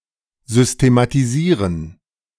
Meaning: to arrange; to systematize, to systemize (set up, organise)
- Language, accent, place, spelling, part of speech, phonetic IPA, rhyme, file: German, Germany, Berlin, systematisieren, verb, [ˌzʏstematiˈziːʁən], -iːʁən, De-systematisieren.ogg